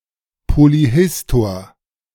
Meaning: polyhistor, polymath
- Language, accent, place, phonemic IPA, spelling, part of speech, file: German, Germany, Berlin, /poliˈhɪstoːɐ̯/, Polyhistor, noun, De-Polyhistor.ogg